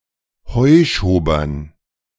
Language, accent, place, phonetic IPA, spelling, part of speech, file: German, Germany, Berlin, [hɔɪ̯ʃoːbɐn], Heuschobern, noun, De-Heuschobern.ogg
- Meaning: dative plural of Heuschober